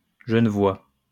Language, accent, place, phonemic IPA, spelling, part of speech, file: French, France, Lyon, /ʒə.nə.vwa/, genevois, adjective, LL-Q150 (fra)-genevois.wav
- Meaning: Genevan